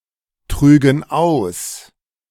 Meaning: first-person plural subjunctive II of austragen
- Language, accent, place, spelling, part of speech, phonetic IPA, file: German, Germany, Berlin, trügen aus, verb, [ˌtʁyːɡn̩ ˈaʊ̯s], De-trügen aus.ogg